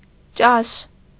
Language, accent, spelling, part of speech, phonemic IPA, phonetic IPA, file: Armenian, Eastern Armenian, ճաշ, noun, /t͡ʃɑʃ/, [t͡ʃɑʃ], Hy-ճաշ.ogg
- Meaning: 1. dinner 2. meal